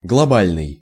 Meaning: global, holistic, world-wide, universal
- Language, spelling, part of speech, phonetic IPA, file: Russian, глобальный, adjective, [ɡɫɐˈbalʲnɨj], Ru-глобальный.ogg